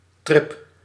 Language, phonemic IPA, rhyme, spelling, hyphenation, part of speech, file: Dutch, /trɪp/, -ɪp, trip, trip, noun, Nl-trip.ogg
- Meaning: 1. a trip, a short excursion, a vacation, travelling 2. hallucination, tripping